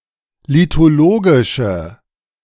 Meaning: inflection of lithologisch: 1. strong/mixed nominative/accusative feminine singular 2. strong nominative/accusative plural 3. weak nominative all-gender singular
- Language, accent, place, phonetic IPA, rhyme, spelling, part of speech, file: German, Germany, Berlin, [litoˈloːɡɪʃə], -oːɡɪʃə, lithologische, adjective, De-lithologische.ogg